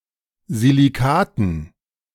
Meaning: dative plural of Silikat
- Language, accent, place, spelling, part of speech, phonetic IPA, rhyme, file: German, Germany, Berlin, Silikaten, noun, [ziliˈkaːtn̩], -aːtn̩, De-Silikaten.ogg